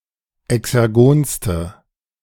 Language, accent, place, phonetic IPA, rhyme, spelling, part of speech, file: German, Germany, Berlin, [ɛksɛʁˈɡoːnstə], -oːnstə, exergonste, adjective, De-exergonste.ogg
- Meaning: inflection of exergon: 1. strong/mixed nominative/accusative feminine singular superlative degree 2. strong nominative/accusative plural superlative degree